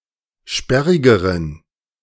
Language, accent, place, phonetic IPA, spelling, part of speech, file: German, Germany, Berlin, [ˈʃpɛʁɪɡəʁən], sperrigeren, adjective, De-sperrigeren.ogg
- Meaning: inflection of sperrig: 1. strong genitive masculine/neuter singular comparative degree 2. weak/mixed genitive/dative all-gender singular comparative degree